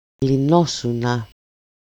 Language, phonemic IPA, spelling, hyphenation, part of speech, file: Greek, /liˈnosuna/, λυνόσουνα, λυ‧νό‧σου‧να, verb, El-λυνόσουνα.ogg
- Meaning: second-person singular imperfect passive indicative of λύνω (lýno)